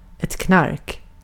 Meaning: 1. narcotics, illegal drugs 2. other substances (or other things) perceived as being like illegal drugs, in having a strong psychological effect and/or being harmful or the like
- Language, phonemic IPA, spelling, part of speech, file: Swedish, /knark/, knark, noun, Sv-knark.ogg